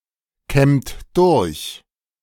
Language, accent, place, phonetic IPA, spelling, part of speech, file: German, Germany, Berlin, [ˌkɛmt ˈdʊʁç], kämmt durch, verb, De-kämmt durch.ogg
- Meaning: inflection of durchkämmen: 1. second-person plural present 2. third-person singular present 3. plural imperative